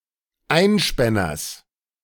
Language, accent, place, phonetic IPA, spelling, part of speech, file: German, Germany, Berlin, [ˈaɪ̯nˌʃpɛnɐs], Einspänners, noun, De-Einspänners.ogg
- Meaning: genitive singular of Einspänner